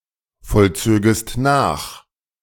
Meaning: second-person singular subjunctive II of nachvollziehen
- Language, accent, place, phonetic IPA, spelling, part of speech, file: German, Germany, Berlin, [fɔlˌt͡søːɡəst ˈnaːx], vollzögest nach, verb, De-vollzögest nach.ogg